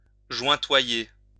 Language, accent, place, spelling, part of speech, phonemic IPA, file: French, France, Lyon, jointoyer, verb, /ʒwɛ̃.twa.je/, LL-Q150 (fra)-jointoyer.wav
- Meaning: 1. to grout 2. to point (brickwork)